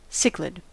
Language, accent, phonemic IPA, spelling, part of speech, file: English, US, /ˈsɪklɪd/, cichlid, noun, En-us-cichlid.ogg
- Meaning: Any of many tropical fish, of the family Cichlidae, popular as aquarium fish